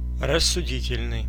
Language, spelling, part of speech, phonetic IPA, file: Russian, рассудительный, adjective, [rəsːʊˈdʲitʲɪlʲnɨj], Ru-рассудительный.ogg
- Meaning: level-headed, rational, reasonable